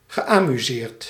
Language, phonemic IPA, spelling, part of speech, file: Dutch, /ɣəˌʔamyˈzert/, geamuseerd, verb, Nl-geamuseerd.ogg
- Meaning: past participle of amuseren